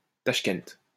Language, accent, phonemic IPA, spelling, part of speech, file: French, France, /taʃ.kɛnt/, Tachkent, proper noun, LL-Q150 (fra)-Tachkent.wav
- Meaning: Tashkent (the capital of Uzbekistan)